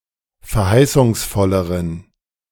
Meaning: inflection of verheißungsvoll: 1. strong genitive masculine/neuter singular comparative degree 2. weak/mixed genitive/dative all-gender singular comparative degree
- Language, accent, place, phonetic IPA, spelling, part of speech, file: German, Germany, Berlin, [fɛɐ̯ˈhaɪ̯sʊŋsˌfɔləʁən], verheißungsvolleren, adjective, De-verheißungsvolleren.ogg